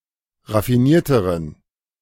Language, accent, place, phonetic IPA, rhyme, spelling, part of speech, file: German, Germany, Berlin, [ʁafiˈniːɐ̯təʁən], -iːɐ̯təʁən, raffinierteren, adjective, De-raffinierteren.ogg
- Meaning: inflection of raffiniert: 1. strong genitive masculine/neuter singular comparative degree 2. weak/mixed genitive/dative all-gender singular comparative degree